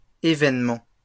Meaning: plural of évènement
- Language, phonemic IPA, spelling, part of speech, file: French, /e.vɛn.mɑ̃/, évènements, noun, LL-Q150 (fra)-évènements.wav